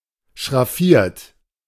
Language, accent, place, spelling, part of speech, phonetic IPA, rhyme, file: German, Germany, Berlin, schraffiert, verb, [ʃʁaˈfiːɐ̯t], -iːɐ̯t, De-schraffiert.ogg
- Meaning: 1. past participle of schraffieren 2. inflection of schraffieren: third-person singular present 3. inflection of schraffieren: second-person plural present